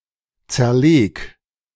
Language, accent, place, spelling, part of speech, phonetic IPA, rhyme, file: German, Germany, Berlin, zerleg, verb, [ˌt͡sɛɐ̯ˈleːk], -eːk, De-zerleg.ogg
- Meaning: 1. singular imperative of zerlegen 2. first-person singular present of zerlegen